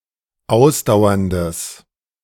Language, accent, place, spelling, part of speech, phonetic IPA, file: German, Germany, Berlin, ausdauerndes, adjective, [ˈaʊ̯sdaʊ̯ɐndəs], De-ausdauerndes.ogg
- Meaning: strong/mixed nominative/accusative neuter singular of ausdauernd